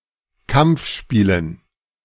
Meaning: dative plural of Kampfspiel
- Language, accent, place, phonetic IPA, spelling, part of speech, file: German, Germany, Berlin, [ˈkamp͡fˌʃpiːlən], Kampfspielen, noun, De-Kampfspielen.ogg